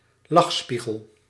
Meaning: distorting mirror
- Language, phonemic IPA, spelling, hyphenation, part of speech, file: Dutch, /ˈlɑxˌspi.ɣəl/, lachspiegel, lach‧spie‧gel, noun, Nl-lachspiegel.ogg